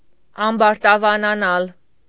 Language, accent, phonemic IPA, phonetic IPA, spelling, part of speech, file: Armenian, Eastern Armenian, /ɑmbɑɾtɑvɑnɑˈnɑl/, [ɑmbɑɾtɑvɑnɑnɑ́l], ամբարտավանանալ, verb, Hy-ամբարտավանանալ.ogg
- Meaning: to become arrogant, bigheaded, conceited